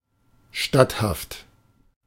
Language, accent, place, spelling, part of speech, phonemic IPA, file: German, Germany, Berlin, statthaft, adjective, /ˈʃtathaft/, De-statthaft.ogg
- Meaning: allowed